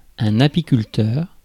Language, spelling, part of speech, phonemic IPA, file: French, apiculteur, noun, /a.pi.kyl.tœʁ/, Fr-apiculteur.ogg
- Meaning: beekeeper